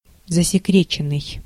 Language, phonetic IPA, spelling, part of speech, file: Russian, [zəsʲɪˈkrʲet͡ɕɪn(ː)ɨj], засекреченный, verb, Ru-засекреченный.ogg
- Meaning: past passive perfective participle of засекре́тить (zasekrétitʹ)